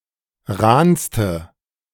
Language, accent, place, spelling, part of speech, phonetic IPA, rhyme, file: German, Germany, Berlin, rahnste, adjective, [ˈʁaːnstə], -aːnstə, De-rahnste.ogg
- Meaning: inflection of rahn: 1. strong/mixed nominative/accusative feminine singular superlative degree 2. strong nominative/accusative plural superlative degree